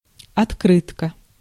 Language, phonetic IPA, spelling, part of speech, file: Russian, [ɐtˈkrɨtkə], открытка, noun, Ru-открытка.ogg
- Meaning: 1. post card 2. greeting card, birthday card, etc